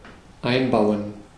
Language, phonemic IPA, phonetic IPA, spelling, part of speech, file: German, /ˈaɪ̯nˌbaʊ̯ən/, [ˈʔaɪ̯nˌbaʊ̯n], einbauen, verb, De-einbauen.ogg
- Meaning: to build in, to build into, to install